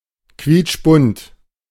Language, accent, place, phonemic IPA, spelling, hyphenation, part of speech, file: German, Germany, Berlin, /ˌkviːt͡ʃˈbʊnt/, quietschbunt, quietsch‧bunt, adjective, De-quietschbunt.ogg
- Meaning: garish